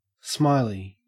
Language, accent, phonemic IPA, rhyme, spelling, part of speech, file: English, Australia, /ˈsmaɪli/, -aɪli, smiley, adjective / noun, En-au-smiley.ogg
- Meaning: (adjective) 1. Cheerful and happy; smiling 2. Having one's throat slit from side to side; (noun) A simplified representation of a smiling face